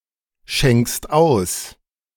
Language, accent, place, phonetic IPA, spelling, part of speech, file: German, Germany, Berlin, [ˌʃɛŋkst ˈaʊ̯s], schenkst aus, verb, De-schenkst aus.ogg
- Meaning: second-person singular present of ausschenken